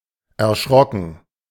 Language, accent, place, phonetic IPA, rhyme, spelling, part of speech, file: German, Germany, Berlin, [ɛɐ̯ˈʃʁɔkn̩], -ɔkn̩, erschrocken, verb, De-erschrocken.ogg
- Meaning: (verb) past participle of erschrecken (“frightened”); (adjective) shocked, taken aback, startled